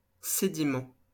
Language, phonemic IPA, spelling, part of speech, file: French, /se.di.mɑ̃/, sédiment, noun, LL-Q150 (fra)-sédiment.wav
- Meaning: sediment (all senses)